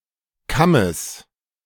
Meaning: genitive singular of Kamm
- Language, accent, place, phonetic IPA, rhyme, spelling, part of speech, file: German, Germany, Berlin, [ˈkaməs], -aməs, Kammes, noun, De-Kammes.ogg